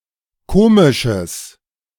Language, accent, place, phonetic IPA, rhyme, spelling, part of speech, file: German, Germany, Berlin, [ˈkoːmɪʃəs], -oːmɪʃəs, komisches, adjective, De-komisches.ogg
- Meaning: strong/mixed nominative/accusative neuter singular of komisch